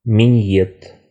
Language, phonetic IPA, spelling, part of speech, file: Russian, [mʲɪˈnʲjet], миньет, noun, Ru-минье́т.ogg
- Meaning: alternative form of мине́т (minét)